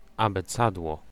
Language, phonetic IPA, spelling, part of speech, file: Polish, [ˌabɛˈt͡sadwɔ], abecadło, noun, Pl-abecadło.ogg